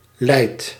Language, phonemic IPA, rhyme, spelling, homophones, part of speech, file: Dutch, /lɛi̯t/, -ɛi̯t, leid, lijd / leidt, verb, Nl-leid.ogg
- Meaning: inflection of leiden: 1. first-person singular present indicative 2. second-person singular present indicative 3. imperative